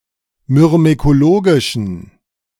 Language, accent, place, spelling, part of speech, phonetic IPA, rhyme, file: German, Germany, Berlin, myrmekologischen, adjective, [mʏʁmekoˈloːɡɪʃn̩], -oːɡɪʃn̩, De-myrmekologischen.ogg
- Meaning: inflection of myrmekologisch: 1. strong genitive masculine/neuter singular 2. weak/mixed genitive/dative all-gender singular 3. strong/weak/mixed accusative masculine singular 4. strong dative plural